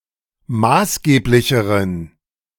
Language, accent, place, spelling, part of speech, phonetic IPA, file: German, Germany, Berlin, maßgeblicheren, adjective, [ˈmaːsˌɡeːplɪçəʁən], De-maßgeblicheren.ogg
- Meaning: inflection of maßgeblich: 1. strong genitive masculine/neuter singular comparative degree 2. weak/mixed genitive/dative all-gender singular comparative degree